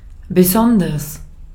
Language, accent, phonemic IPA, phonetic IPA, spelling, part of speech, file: German, Austria, /beˈsɔndɐs/, [bəˈzɔndɐs], besonders, adverb, De-at-besonders.ogg
- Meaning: 1. especially, particularly 2. very, especially 3. exceptionally, separately